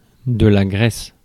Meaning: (noun) 1. grease 2. fat; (verb) inflection of graisser: 1. first/third-person singular present indicative/subjunctive 2. second-person singular imperative
- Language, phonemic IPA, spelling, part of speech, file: French, /ɡʁɛs/, graisse, noun / verb, Fr-graisse.ogg